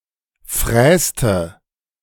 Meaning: inflection of fräsen: 1. first/third-person singular preterite 2. first/third-person singular subjunctive II
- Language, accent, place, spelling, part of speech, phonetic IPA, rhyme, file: German, Germany, Berlin, fräste, verb, [ˈfʁɛːstə], -ɛːstə, De-fräste.ogg